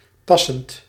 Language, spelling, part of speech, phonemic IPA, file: Dutch, passend, verb / adjective, /ˈpɑsənt/, Nl-passend.ogg
- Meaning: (adjective) suitable, fitting, matching; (verb) present participle of passen